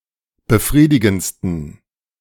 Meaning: 1. superlative degree of befriedigend 2. inflection of befriedigend: strong genitive masculine/neuter singular superlative degree
- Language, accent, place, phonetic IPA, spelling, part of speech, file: German, Germany, Berlin, [bəˈfʁiːdɪɡn̩t͡stən], befriedigendsten, adjective, De-befriedigendsten.ogg